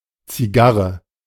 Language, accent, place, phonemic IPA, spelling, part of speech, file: German, Germany, Berlin, /t͡siˈɡaʁə/, Zigarre, noun, De-Zigarre.ogg
- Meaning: cigar